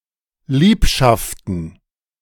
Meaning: plural of Liebschaft
- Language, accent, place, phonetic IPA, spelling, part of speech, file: German, Germany, Berlin, [ˈliːpʃaftn̩], Liebschaften, noun, De-Liebschaften.ogg